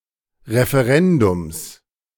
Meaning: genitive singular of Referendum
- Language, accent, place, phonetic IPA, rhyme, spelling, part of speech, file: German, Germany, Berlin, [ʁefeˈʁɛndʊms], -ɛndʊms, Referendums, noun, De-Referendums.ogg